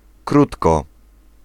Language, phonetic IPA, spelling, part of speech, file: Polish, [ˈkrutkɔ], krótko, adverb, Pl-krótko.ogg